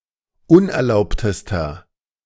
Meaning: inflection of unerlaubt: 1. strong/mixed nominative masculine singular superlative degree 2. strong genitive/dative feminine singular superlative degree 3. strong genitive plural superlative degree
- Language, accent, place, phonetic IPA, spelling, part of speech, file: German, Germany, Berlin, [ˈʊnʔɛɐ̯ˌlaʊ̯ptəstɐ], unerlaubtester, adjective, De-unerlaubtester.ogg